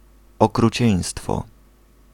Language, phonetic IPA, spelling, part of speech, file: Polish, [ˌɔkruˈt͡ɕɛ̇̃j̃stfɔ], okrucieństwo, noun, Pl-okrucieństwo.ogg